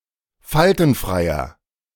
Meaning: inflection of faltenfrei: 1. strong/mixed nominative masculine singular 2. strong genitive/dative feminine singular 3. strong genitive plural
- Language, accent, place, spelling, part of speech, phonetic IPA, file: German, Germany, Berlin, faltenfreier, adjective, [ˈfaltn̩ˌfʁaɪ̯ɐ], De-faltenfreier.ogg